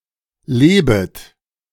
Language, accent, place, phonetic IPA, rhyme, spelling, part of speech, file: German, Germany, Berlin, [ˈleːbət], -eːbət, lebet, verb, De-lebet.ogg
- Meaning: second-person plural subjunctive I of leben